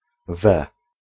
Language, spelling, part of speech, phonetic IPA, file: Polish, we, preposition, [vɛ], Pl-we.ogg